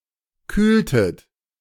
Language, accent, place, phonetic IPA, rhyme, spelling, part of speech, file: German, Germany, Berlin, [ˈkyːltət], -yːltət, kühltet, verb, De-kühltet.ogg
- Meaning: inflection of kühlen: 1. second-person plural preterite 2. second-person plural subjunctive II